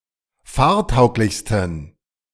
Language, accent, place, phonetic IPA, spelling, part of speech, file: German, Germany, Berlin, [ˈfaːɐ̯ˌtaʊ̯klɪçstn̩], fahrtauglichsten, adjective, De-fahrtauglichsten.ogg
- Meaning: 1. superlative degree of fahrtauglich 2. inflection of fahrtauglich: strong genitive masculine/neuter singular superlative degree